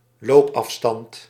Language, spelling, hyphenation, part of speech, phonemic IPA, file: Dutch, loopafstand, loop‧af‧stand, noun, /ˈloːp.ɑfˌstɑnt/, Nl-loopafstand.ogg
- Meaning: 1. walking distance (distance of a comfortable walk) 2. the distance one has to cover by walking, especially of a pedestrian route (e.g. in sporting events or in recreational facilities)